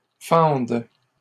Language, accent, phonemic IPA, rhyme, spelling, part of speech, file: French, Canada, /fɑ̃d/, -ɑ̃d, fendes, verb, LL-Q150 (fra)-fendes.wav
- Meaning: second-person singular present subjunctive of fendre